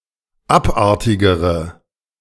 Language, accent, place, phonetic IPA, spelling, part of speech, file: German, Germany, Berlin, [ˈapˌʔaʁtɪɡəʁə], abartigere, adjective, De-abartigere.ogg
- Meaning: inflection of abartig: 1. strong/mixed nominative/accusative feminine singular comparative degree 2. strong nominative/accusative plural comparative degree